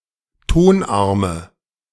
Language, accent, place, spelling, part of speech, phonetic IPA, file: German, Germany, Berlin, Tonarme, noun, [ˈtonˌʔaʁmə], De-Tonarme.ogg
- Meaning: nominative/accusative/genitive plural of Tonarm